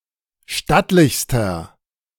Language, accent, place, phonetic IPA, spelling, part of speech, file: German, Germany, Berlin, [ˈʃtatlɪçstɐ], stattlichster, adjective, De-stattlichster.ogg
- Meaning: inflection of stattlich: 1. strong/mixed nominative masculine singular superlative degree 2. strong genitive/dative feminine singular superlative degree 3. strong genitive plural superlative degree